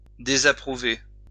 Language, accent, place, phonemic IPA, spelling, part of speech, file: French, France, Lyon, /de.za.pʁu.ve/, désapprouver, verb, LL-Q150 (fra)-désapprouver.wav
- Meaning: to disapprove of